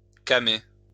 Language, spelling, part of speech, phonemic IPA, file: French, camer, verb, /ka.me/, LL-Q150 (fra)-camer.wav
- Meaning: to take drugs